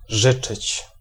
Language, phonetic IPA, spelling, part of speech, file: Polish, [ˈʒɨt͡ʃɨt͡ɕ], życzyć, verb, Pl-życzyć.ogg